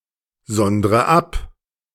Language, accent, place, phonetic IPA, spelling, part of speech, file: German, Germany, Berlin, [ˌzɔndʁə ˈap], sondre ab, verb, De-sondre ab.ogg
- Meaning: inflection of absondern: 1. first-person singular present 2. first/third-person singular subjunctive I 3. singular imperative